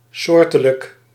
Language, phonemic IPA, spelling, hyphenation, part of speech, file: Dutch, /ˈsoːr.tə.lək/, soortelijk, soor‧te‧lijk, adjective, Nl-soortelijk.ogg
- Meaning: specific: 1. characteristic of a species 2. characteristic of a type of matter (e.g. element)